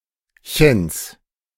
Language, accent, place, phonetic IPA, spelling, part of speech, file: German, Germany, Berlin, [çəns], -chens, suffix, De--chens.ogg
- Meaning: genitive singular of -chen